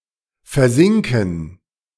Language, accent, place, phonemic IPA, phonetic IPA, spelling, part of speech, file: German, Germany, Berlin, /fɛʁˈzɪŋkən/, [fɛɐ̯ˈzɪŋkŋ̍], versinken, verb, De-versinken.ogg
- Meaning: to sink, to descend